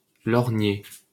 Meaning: 1. to ogle 2. to leer 3. to covet 4. to look at using a monocle or lorgnette 5. to look ahead (to)
- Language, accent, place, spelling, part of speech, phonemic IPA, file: French, France, Paris, lorgner, verb, /lɔʁ.ɲe/, LL-Q150 (fra)-lorgner.wav